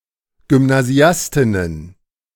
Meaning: plural of Gymnasiastin
- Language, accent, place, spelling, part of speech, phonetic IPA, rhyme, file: German, Germany, Berlin, Gymnasiastinnen, noun, [ɡʏmnaˈzi̯astɪnən], -astɪnən, De-Gymnasiastinnen.ogg